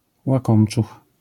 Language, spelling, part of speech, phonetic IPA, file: Polish, łakomczuch, noun, [waˈkɔ̃mt͡ʃux], LL-Q809 (pol)-łakomczuch.wav